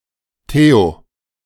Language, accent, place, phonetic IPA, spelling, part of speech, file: German, Germany, Berlin, [teo], theo-, prefix, De-theo-.ogg
- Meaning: theo-